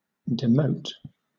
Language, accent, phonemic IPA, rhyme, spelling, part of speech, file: English, Southern England, /dɪˈməʊt/, -əʊt, demote, verb, LL-Q1860 (eng)-demote.wav
- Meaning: 1. To lower the rank or status of 2. To relegate